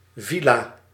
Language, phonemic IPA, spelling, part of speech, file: Dutch, /ˈvi.laː/, villa, noun, Nl-villa.ogg
- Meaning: mansion (large, (normally) expensive, sumptuous house)